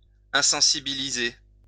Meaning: 1. to anesthetize 2. to desensitize (to an allergy)
- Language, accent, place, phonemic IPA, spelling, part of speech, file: French, France, Lyon, /ɛ̃.sɑ̃.si.bi.li.ze/, insensibiliser, verb, LL-Q150 (fra)-insensibiliser.wav